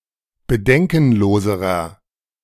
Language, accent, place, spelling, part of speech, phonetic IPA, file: German, Germany, Berlin, bedenkenloserer, adjective, [bəˈdɛŋkn̩ˌloːzəʁɐ], De-bedenkenloserer.ogg
- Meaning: inflection of bedenkenlos: 1. strong/mixed nominative masculine singular comparative degree 2. strong genitive/dative feminine singular comparative degree 3. strong genitive plural comparative degree